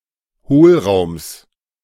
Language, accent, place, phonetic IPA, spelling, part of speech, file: German, Germany, Berlin, [ˈhoːlˌʁaʊ̯ms], Hohlraums, noun, De-Hohlraums.ogg
- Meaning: genitive singular of Hohlraum